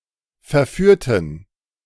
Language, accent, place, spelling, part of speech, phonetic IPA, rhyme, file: German, Germany, Berlin, verführten, adjective / verb, [fɛɐ̯ˈfyːɐ̯tn̩], -yːɐ̯tn̩, De-verführten.ogg
- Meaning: inflection of verführen: 1. first/third-person plural preterite 2. first/third-person plural subjunctive II